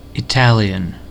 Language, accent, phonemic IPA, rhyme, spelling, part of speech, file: English, General American, /ɪˈtæl.jən/, -æljən, Italian, adjective / noun / proper noun, En-us-Italian.ogg
- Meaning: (adjective) 1. Pertaining to Italy 2. Pertaining to its people or their cultures 3. Pertaining to their language 4. Using an italic style; italic; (noun) A person from Italy or of Italian descent